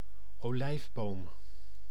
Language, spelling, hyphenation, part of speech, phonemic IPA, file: Dutch, olijfboom, olijf‧boom, noun, /oːˈlɛi̯fˌboːm/, Nl-olijfboom.ogg
- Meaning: olive tree (Olea europaea)